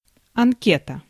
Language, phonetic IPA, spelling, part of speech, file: Russian, [ɐnˈkʲetə], анкета, noun, Ru-анкета.ogg
- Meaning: questionnaire, form